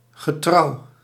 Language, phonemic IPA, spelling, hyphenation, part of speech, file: Dutch, /ɣəˈtrɑu/, getrouw, ge‧trouw, adjective, Nl-getrouw.ogg
- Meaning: faithful, loyal, true